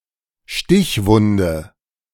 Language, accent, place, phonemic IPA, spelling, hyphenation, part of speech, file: German, Germany, Berlin, /ˈʃtɪçˌvʊndə/, Stichwunde, Stich‧wun‧de, noun, De-Stichwunde.ogg
- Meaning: stab wound